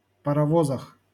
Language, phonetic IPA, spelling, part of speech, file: Russian, [pərɐˈvozəx], паровозах, noun, LL-Q7737 (rus)-паровозах.wav
- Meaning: prepositional plural of парово́з (parovóz)